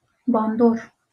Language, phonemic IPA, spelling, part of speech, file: Northern Kurdish, /bɑːnˈdoːɾ/, bandor, noun, LL-Q36368 (kur)-bandor.wav
- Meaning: effect, influence, impression